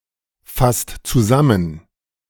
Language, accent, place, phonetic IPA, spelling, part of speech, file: German, Germany, Berlin, [ˌfast t͡suˈzamən], fasst zusammen, verb, De-fasst zusammen.ogg
- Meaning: inflection of zusammenfassen: 1. second/third-person singular present 2. second-person plural present 3. plural imperative